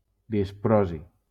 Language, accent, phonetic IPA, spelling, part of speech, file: Catalan, Valencia, [disˈpɾɔ.zi], disprosi, noun, LL-Q7026 (cat)-disprosi.wav
- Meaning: dysprosium